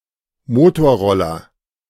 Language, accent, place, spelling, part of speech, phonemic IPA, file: German, Germany, Berlin, Motorroller, noun, /ˈmoːtoːɐ̯ˌʁɔlɐ/, De-Motorroller.ogg
- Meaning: scooter (motor-scooter)